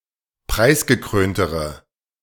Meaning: inflection of preisgekrönt: 1. strong/mixed nominative/accusative feminine singular comparative degree 2. strong nominative/accusative plural comparative degree
- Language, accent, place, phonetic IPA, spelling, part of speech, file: German, Germany, Berlin, [ˈpʁaɪ̯sɡəˌkʁøːntəʁə], preisgekröntere, adjective, De-preisgekröntere.ogg